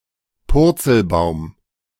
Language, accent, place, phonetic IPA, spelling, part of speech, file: German, Germany, Berlin, [ˈpʊʁt͡sl̩ˌbaʊ̯m], Purzelbaum, noun, De-Purzelbaum.ogg
- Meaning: somersault on the ground